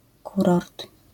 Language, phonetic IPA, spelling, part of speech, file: Polish, [ˈkurɔrt], kurort, noun, LL-Q809 (pol)-kurort.wav